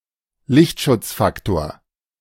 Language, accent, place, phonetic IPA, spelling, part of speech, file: German, Germany, Berlin, [ˈlɪçtʃʊt͡sˌfaktoːɐ̯], Lichtschutzfaktor, noun, De-Lichtschutzfaktor.ogg
- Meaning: sun protection factor